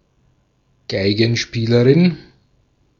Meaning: female equivalent of Geigenspieler (“violinist”)
- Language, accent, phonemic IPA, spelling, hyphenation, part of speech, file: German, Austria, /ˈɡaɪ̯ɡənˌʃpiːləʁɪn/, Geigenspielerin, Gei‧gen‧spie‧le‧rin, noun, De-at-Geigenspielerin.ogg